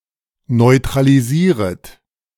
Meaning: second-person plural subjunctive I of neutralisieren
- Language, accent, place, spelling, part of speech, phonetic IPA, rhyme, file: German, Germany, Berlin, neutralisieret, verb, [nɔɪ̯tʁaliˈziːʁət], -iːʁət, De-neutralisieret.ogg